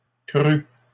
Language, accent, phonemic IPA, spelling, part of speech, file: French, Canada, /kʁy/, crûs, verb, LL-Q150 (fra)-crûs.wav
- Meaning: 1. first/second-person singular past historic of croître 2. masculine plural of the past participle of croître